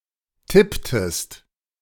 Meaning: inflection of tippen: 1. second-person singular preterite 2. second-person singular subjunctive II
- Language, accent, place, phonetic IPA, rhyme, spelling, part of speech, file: German, Germany, Berlin, [ˈtɪptəst], -ɪptəst, tipptest, verb, De-tipptest.ogg